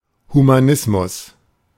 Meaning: humanism
- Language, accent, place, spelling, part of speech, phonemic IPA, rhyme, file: German, Germany, Berlin, Humanismus, noun, /humaˈnɪsmʊs/, -ɪsmʊs, De-Humanismus.ogg